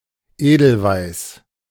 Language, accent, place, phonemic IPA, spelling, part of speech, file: German, Germany, Berlin, /ˈeːdl̩vaɪ̯s/, Edelweiß, noun, De-Edelweiß.ogg
- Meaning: edelweiss